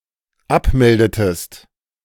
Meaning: inflection of abmelden: 1. second-person singular dependent preterite 2. second-person singular dependent subjunctive II
- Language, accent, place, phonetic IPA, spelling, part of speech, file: German, Germany, Berlin, [ˈapˌmɛldətəst], abmeldetest, verb, De-abmeldetest.ogg